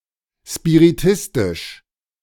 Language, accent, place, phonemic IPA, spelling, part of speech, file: German, Germany, Berlin, /ʃpiʁiˈtɪstɪʃ/, spiritistisch, adjective, De-spiritistisch.ogg
- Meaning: spiritualist